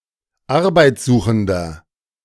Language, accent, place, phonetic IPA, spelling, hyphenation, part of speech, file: German, Germany, Berlin, [ˈaʁbaɪ̯t͡sˌzuːxn̩dɐ], arbeitssuchender, ar‧beits‧su‧chen‧der, adjective, De-arbeitssuchender.ogg
- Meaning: inflection of arbeitssuchend: 1. strong/mixed nominative masculine singular 2. strong genitive/dative feminine singular 3. strong genitive plural